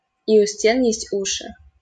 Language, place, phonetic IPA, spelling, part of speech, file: Russian, Saint Petersburg, [i ʊ‿ˈsʲtʲen ˈjesʲtʲ ˈuʂɨ], и у стен есть уши, proverb, LL-Q7737 (rus)-и у стен есть уши.wav
- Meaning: the walls have ears